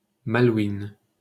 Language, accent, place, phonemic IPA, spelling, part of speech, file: French, France, Paris, /ma.lwin/, Malouines, proper noun, LL-Q150 (fra)-Malouines.wav
- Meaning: ellipsis of îles Malouines